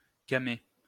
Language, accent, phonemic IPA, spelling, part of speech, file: French, France, /ka.me/, camée, noun, LL-Q150 (fra)-camée.wav
- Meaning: cameo (stone)